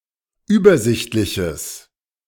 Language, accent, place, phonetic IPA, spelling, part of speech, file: German, Germany, Berlin, [ˈyːbɐˌzɪçtlɪçəs], übersichtliches, adjective, De-übersichtliches.ogg
- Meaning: strong/mixed nominative/accusative neuter singular of übersichtlich